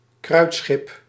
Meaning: a powder ship (cargo ship transporting gunpowder)
- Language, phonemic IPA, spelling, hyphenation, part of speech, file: Dutch, /ˈkrœy̯t.sxɪp/, kruitschip, kruit‧schip, noun, Nl-kruitschip.ogg